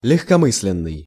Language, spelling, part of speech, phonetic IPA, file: Russian, легкомысленный, adjective, [lʲɪxkɐˈmɨs⁽ʲ⁾lʲɪn(ː)ɨj], Ru-легкомысленный.ogg
- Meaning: 1. thoughtless, flippant 2. frivolous, flighty